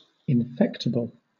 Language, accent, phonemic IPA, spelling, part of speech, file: English, Southern England, /ɪnˈfɛk.tɨ.bəl/, infectible, adjective, LL-Q1860 (eng)-infectible.wav
- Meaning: Able to be infected; capable of infection